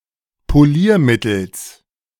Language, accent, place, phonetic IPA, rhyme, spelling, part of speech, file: German, Germany, Berlin, [poˈliːɐ̯ˌmɪtl̩s], -iːɐ̯mɪtl̩s, Poliermittels, noun, De-Poliermittels.ogg
- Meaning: genitive singular of Poliermittel